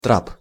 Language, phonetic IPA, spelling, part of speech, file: Russian, [trap], трап, noun, Ru-трап.ogg
- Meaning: gangway, ramp